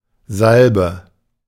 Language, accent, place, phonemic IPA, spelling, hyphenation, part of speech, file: German, Germany, Berlin, /ˈzalbə/, Salbe, Sal‧be, noun, De-Salbe.ogg
- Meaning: ointment, salve